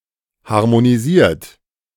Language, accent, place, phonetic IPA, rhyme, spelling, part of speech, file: German, Germany, Berlin, [haʁmoniˈziːɐ̯t], -iːɐ̯t, harmonisiert, verb, De-harmonisiert.ogg
- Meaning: 1. past participle of harmonisieren 2. inflection of harmonisieren: third-person singular present 3. inflection of harmonisieren: second-person plural present